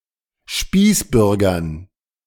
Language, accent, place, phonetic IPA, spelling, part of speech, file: German, Germany, Berlin, [ˈʃpiːsˌbʏʁɡɐn], Spießbürgern, noun, De-Spießbürgern.ogg
- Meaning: dative plural of Spießbürger